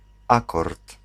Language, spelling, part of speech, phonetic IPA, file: Polish, akord, noun, [ˈakɔrt], Pl-akord.ogg